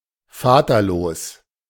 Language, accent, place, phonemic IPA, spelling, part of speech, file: German, Germany, Berlin, /ˈfaːtɐˌloːs/, vaterlos, adjective, De-vaterlos.ogg
- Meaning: fatherless, without a male parent